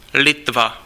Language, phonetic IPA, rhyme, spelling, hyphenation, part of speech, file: Czech, [ˈlɪtva], -ɪtva, Litva, Li‧tva, proper noun, Cs-Litva.ogg
- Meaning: Lithuania (a country in northeastern Europe; official name: Litevská republika)